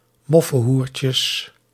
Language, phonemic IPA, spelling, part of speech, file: Dutch, /ˈmɔfə(n)ˌhurcəs/, moffenhoertjes, noun, Nl-moffenhoertjes.ogg
- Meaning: plural of moffenhoertje